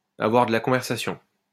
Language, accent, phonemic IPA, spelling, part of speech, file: French, France, /a.vwaʁ də la kɔ̃.vɛʁ.sa.sjɔ̃/, avoir de la conversation, verb, LL-Q150 (fra)-avoir de la conversation.wav
- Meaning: to talk easily, always having something to say